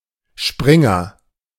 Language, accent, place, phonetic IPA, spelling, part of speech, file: German, Germany, Berlin, [ˈʃpʁɪŋɐ], Springer, noun / proper noun, De-Springer.ogg
- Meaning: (noun) 1. jumper, one who jumps 2. stand in 3. knight 4. switchblade; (proper noun) a surname